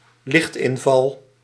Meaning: incidence of light
- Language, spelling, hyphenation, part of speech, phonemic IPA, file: Dutch, lichtinval, licht‧in‧val, noun, /ˈlɪxtɪnvɑl/, Nl-lichtinval.ogg